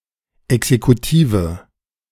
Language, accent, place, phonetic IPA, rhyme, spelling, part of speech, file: German, Germany, Berlin, [ɛksekuˈtiːvə], -iːvə, exekutive, adjective, De-exekutive.ogg
- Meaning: inflection of exekutiv: 1. strong/mixed nominative/accusative feminine singular 2. strong nominative/accusative plural 3. weak nominative all-gender singular